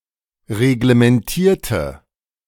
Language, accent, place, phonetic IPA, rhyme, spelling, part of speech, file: German, Germany, Berlin, [ʁeɡləmɛnˈtiːɐ̯tə], -iːɐ̯tə, reglementierte, adjective / verb, De-reglementierte.ogg
- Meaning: inflection of reglementieren: 1. first/third-person singular preterite 2. first/third-person singular subjunctive II